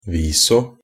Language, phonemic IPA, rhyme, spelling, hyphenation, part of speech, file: Norwegian Bokmål, /ˈʋiːsɔ/, -iːsɔ, viso, vi‧so, adverb, NB - Pronunciation of Norwegian Bokmål «viso».ogg
- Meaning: only used in a viso (“after showing”)